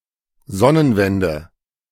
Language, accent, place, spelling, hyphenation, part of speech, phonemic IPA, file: German, Germany, Berlin, Sonnenwende, Son‧nen‧wen‧de, noun, /ˈzɔnənˌvɛndə/, De-Sonnenwende.ogg
- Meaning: 1. solstice 2. heliotrope (Heliotropium arborescens)